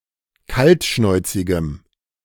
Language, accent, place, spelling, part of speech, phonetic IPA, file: German, Germany, Berlin, kaltschnäuzigem, adjective, [ˈkaltˌʃnɔɪ̯t͡sɪɡəm], De-kaltschnäuzigem.ogg
- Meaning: strong dative masculine/neuter singular of kaltschnäuzig